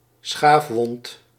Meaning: skin abrasion, excoriation
- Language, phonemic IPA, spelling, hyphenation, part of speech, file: Dutch, /ˈsxafwɔnt/, schaafwond, schaaf‧wond, noun, Nl-schaafwond.ogg